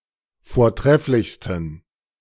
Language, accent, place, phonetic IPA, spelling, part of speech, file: German, Germany, Berlin, [foːɐ̯ˈtʁɛflɪçstn̩], vortrefflichsten, adjective, De-vortrefflichsten.ogg
- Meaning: 1. superlative degree of vortrefflich 2. inflection of vortrefflich: strong genitive masculine/neuter singular superlative degree